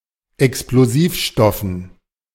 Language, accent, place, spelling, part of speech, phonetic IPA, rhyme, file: German, Germany, Berlin, Explosivstoffen, noun, [ɛksploˈziːfˌʃtɔfn̩], -iːfʃtɔfn̩, De-Explosivstoffen.ogg
- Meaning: dative plural of Explosivstoff